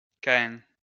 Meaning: Cain (son of Adam and Eve)
- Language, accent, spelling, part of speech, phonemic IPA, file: French, France, Caïn, proper noun, /ka.ɛ̃/, LL-Q150 (fra)-Caïn.wav